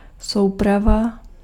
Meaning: set, assortment
- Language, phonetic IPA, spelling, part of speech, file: Czech, [ˈsou̯prava], souprava, noun, Cs-souprava.ogg